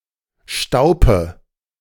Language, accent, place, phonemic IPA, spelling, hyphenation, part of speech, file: German, Germany, Berlin, /ˈʃtaʊ̯pə/, Staupe, Stau‧pe, noun, De-Staupe.ogg
- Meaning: 1. a post to which an offender is tied in order to be flogged publicly 2. the act of publicly flogging someone at such a post